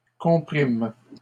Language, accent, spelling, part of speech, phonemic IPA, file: French, Canada, compriment, verb, /kɔ̃.pʁim/, LL-Q150 (fra)-compriment.wav
- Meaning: third-person plural present indicative/subjunctive of comprimer